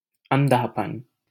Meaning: 1. blindness 2. darkness 3. shortsightedness
- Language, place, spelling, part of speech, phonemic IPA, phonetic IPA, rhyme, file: Hindi, Delhi, अंधापन, noun, /ən.d̪ʱɑː.pən/, [ɐ̃n̪.d̪ʱäː.pɐ̃n], -ən, LL-Q1568 (hin)-अंधापन.wav